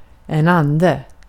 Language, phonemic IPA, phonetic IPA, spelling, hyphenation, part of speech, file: Swedish, /²anːdɛ/, [ˈän̪ː˧˩.d̪ɛ̠˥˩], ande, an‧de, noun, Sv-ande.ogg
- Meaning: 1. a spirit 2. a genie 3. a ghost 4. spirit